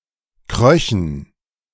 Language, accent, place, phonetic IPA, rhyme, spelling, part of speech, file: German, Germany, Berlin, [ˈkʁœçn̩], -œçn̩, kröchen, verb, De-kröchen.ogg
- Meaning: first/third-person plural subjunctive II of kriechen